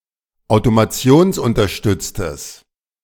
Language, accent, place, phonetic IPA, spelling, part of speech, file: German, Germany, Berlin, [aʊ̯tomaˈt͡si̯oːnsʔʊntɐˌʃtʏt͡stəs], automationsunterstütztes, adjective, De-automationsunterstütztes.ogg
- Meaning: strong/mixed nominative/accusative neuter singular of automationsunterstützt